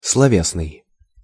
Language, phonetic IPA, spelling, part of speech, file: Russian, [sɫɐˈvʲesnɨj], словесный, adjective, Ru-словесный.ogg
- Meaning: 1. verbal, oral 2. philological